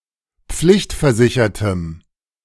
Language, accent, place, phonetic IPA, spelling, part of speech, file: German, Germany, Berlin, [ˈp͡flɪçtfɛɐ̯ˌzɪçɐtəm], pflichtversichertem, adjective, De-pflichtversichertem.ogg
- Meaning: strong dative masculine/neuter singular of pflichtversichert